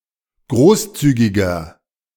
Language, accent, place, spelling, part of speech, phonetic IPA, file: German, Germany, Berlin, großzügiger, adjective, [ˈɡʁoːsˌt͡syːɡɪɡɐ], De-großzügiger.ogg
- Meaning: 1. comparative degree of großzügig 2. inflection of großzügig: strong/mixed nominative masculine singular 3. inflection of großzügig: strong genitive/dative feminine singular